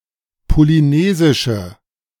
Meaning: inflection of polynesisch: 1. strong/mixed nominative/accusative feminine singular 2. strong nominative/accusative plural 3. weak nominative all-gender singular
- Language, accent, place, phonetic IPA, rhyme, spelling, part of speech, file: German, Germany, Berlin, [poliˈneːzɪʃə], -eːzɪʃə, polynesische, adjective, De-polynesische.ogg